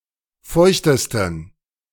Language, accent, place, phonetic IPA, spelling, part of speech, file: German, Germany, Berlin, [ˈfɔɪ̯çtəstn̩], feuchtesten, adjective, De-feuchtesten.ogg
- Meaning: 1. superlative degree of feucht 2. inflection of feucht: strong genitive masculine/neuter singular superlative degree